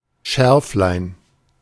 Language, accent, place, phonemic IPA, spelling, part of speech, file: German, Germany, Berlin, /ˈʃɛɐ̯flaɪ̯n/, Scherflein, noun, De-Scherflein.ogg
- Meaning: widow's mite, i.e. a small donation or contribution, esp. of monetary kind